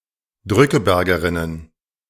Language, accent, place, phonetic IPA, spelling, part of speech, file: German, Germany, Berlin, [ˈdʁʏkəˌbɛʁɡəʁɪnən], Drückebergerinnen, noun, De-Drückebergerinnen.ogg
- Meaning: plural of Drückebergerin